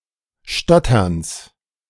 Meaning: genitive of Stottern
- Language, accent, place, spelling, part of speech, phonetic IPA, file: German, Germany, Berlin, Stotterns, noun, [ˈʃtɔtɐns], De-Stotterns.ogg